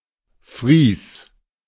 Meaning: frieze (sculptured or richly ornamented band)
- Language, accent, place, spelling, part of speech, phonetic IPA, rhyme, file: German, Germany, Berlin, Fries, noun, [fʁiːs], -iːs, De-Fries.ogg